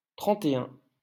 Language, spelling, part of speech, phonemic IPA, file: French, trente et un, numeral, /tʁɑ̃.t‿e œ̃/, LL-Q150 (fra)-trente et un.wav
- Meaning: thirty-one